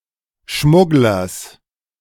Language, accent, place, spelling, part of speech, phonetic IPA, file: German, Germany, Berlin, Schmugglers, noun, [ˈʃmʊɡlɐs], De-Schmugglers.ogg
- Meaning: genitive singular of Schmuggler